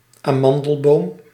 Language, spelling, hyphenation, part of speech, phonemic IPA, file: Dutch, amandelboom, aman‧del‧boom, noun, /aːˈmɑn.dəlˌboːm/, Nl-amandelboom.ogg
- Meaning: almond tree (Prunus amygdalus, syn. Prunus dulcis)